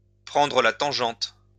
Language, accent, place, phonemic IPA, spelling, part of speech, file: French, France, Lyon, /pʁɑ̃.dʁə la tɑ̃.ʒɑ̃t/, prendre la tangente, verb, LL-Q150 (fra)-prendre la tangente.wav
- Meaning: to do a bunk, to take French leave, to take off